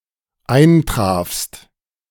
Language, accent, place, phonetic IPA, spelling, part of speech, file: German, Germany, Berlin, [ˈaɪ̯nˌtʁaːfst], eintrafst, verb, De-eintrafst.ogg
- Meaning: second-person singular dependent preterite of eintreffen